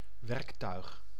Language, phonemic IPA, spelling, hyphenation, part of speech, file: Dutch, /ˈʋɛrk.tœy̯x/, werktuig, werk‧tuig, noun, Nl-werktuig.ogg
- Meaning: tool